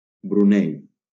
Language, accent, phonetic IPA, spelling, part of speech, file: Catalan, Valencia, [bɾuˈnɛj], Brunei, proper noun, LL-Q7026 (cat)-Brunei.wav
- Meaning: Brunei (a country in Southeast Asia)